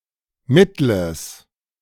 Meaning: strong/mixed nominative/accusative neuter singular of mittel
- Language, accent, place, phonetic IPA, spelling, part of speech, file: German, Germany, Berlin, [ˈmɪtl̩əs], mittles, adjective, De-mittles.ogg